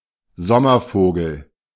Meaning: 1. summer bird, migratory bird 2. butterfly
- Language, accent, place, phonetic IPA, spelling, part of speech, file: German, Germany, Berlin, [ˈzɔmɐˌfoːɡl̩], Sommervogel, noun, De-Sommervogel.ogg